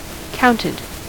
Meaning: simple past and past participle of count
- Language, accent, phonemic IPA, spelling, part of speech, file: English, US, /ˈkaʊnɪd/, counted, verb, En-us-counted.ogg